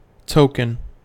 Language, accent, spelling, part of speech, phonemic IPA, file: English, US, token, noun / adjective / verb, /ˈtoʊkən/, En-us-token.ogg
- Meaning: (noun) 1. Something serving as an expression of something else 2. A keepsake